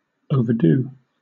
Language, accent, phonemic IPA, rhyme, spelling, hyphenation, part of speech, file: English, Southern England, /ˌəʊvəˈduː/, -uː, overdo, over‧do, verb, LL-Q1860 (eng)-overdo.wav
- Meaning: 1. To do too much; to exceed what is proper or true in doing; to carry too far 2. To cook for too long